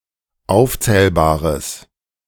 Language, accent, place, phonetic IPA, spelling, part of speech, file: German, Germany, Berlin, [ˈaʊ̯ft͡sɛːlbaːʁəs], aufzählbares, adjective, De-aufzählbares.ogg
- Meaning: strong/mixed nominative/accusative neuter singular of aufzählbar